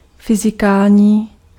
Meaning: physical (of or relating to physics)
- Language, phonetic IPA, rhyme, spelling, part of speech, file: Czech, [ˈfɪzɪkaːlɲiː], -aːlɲiː, fyzikální, adjective, Cs-fyzikální.ogg